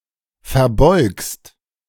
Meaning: second-person singular present of verbeugen
- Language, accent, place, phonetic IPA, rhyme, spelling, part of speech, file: German, Germany, Berlin, [fɛɐ̯ˈbɔɪ̯kst], -ɔɪ̯kst, verbeugst, verb, De-verbeugst.ogg